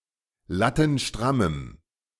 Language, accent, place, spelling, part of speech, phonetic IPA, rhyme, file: German, Germany, Berlin, lattenstrammem, adjective, [ˌlatn̩ˈʃtʁaməm], -aməm, De-lattenstrammem.ogg
- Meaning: strong dative masculine/neuter singular of lattenstramm